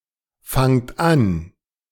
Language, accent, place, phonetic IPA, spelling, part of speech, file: German, Germany, Berlin, [ˌfaŋt ˈan], fangt an, verb, De-fangt an.ogg
- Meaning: inflection of anfangen: 1. second-person plural present 2. plural imperative